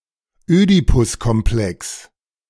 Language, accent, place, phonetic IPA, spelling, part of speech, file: German, Germany, Berlin, [ˈøːdipʊskɔmˌplɛks], Ödipuskomplex, noun, De-Ödipuskomplex.ogg
- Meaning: Oedipus complex